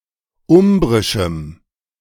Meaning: strong dative masculine/neuter singular of umbrisch
- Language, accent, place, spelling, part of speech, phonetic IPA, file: German, Germany, Berlin, umbrischem, adjective, [ˈʊmbʁɪʃm̩], De-umbrischem.ogg